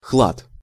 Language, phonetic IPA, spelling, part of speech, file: Russian, [xɫat], хлад, noun, Ru-хлад.ogg
- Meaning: cold